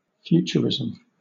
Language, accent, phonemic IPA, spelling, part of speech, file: English, Southern England, /ˈfjuːt͡ʃəɹɪzəm/, futurism, noun, LL-Q1860 (eng)-futurism.wav
- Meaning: An early 20th century avant-garde art movement focused on speed, the mechanical, and the modern, which took a deeply antagonistic attitude to traditional artistic conventions